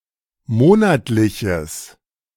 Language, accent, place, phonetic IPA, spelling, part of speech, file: German, Germany, Berlin, [ˈmoːnatlɪçəs], monatliches, adjective, De-monatliches.ogg
- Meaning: strong/mixed nominative/accusative neuter singular of monatlich